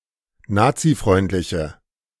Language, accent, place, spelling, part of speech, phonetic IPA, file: German, Germany, Berlin, nazifreundliche, adjective, [ˈnaːt͡siˌfʁɔɪ̯ntlɪçə], De-nazifreundliche.ogg
- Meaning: inflection of nazifreundlich: 1. strong/mixed nominative/accusative feminine singular 2. strong nominative/accusative plural 3. weak nominative all-gender singular